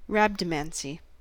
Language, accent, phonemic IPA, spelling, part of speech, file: English, US, /ˈɹæb.dəˌmæn.si/, rhabdomancy, noun, En-us-rhabdomancy.ogg
- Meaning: Divination with wands or rods, especially to use a divining rod to find things below the ground